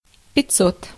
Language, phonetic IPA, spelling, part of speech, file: Russian, [pʲɪt͡s⁽ʲˈ⁾ot], пятьсот, numeral, Ru-пятьсот.ogg
- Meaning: five hundred (500)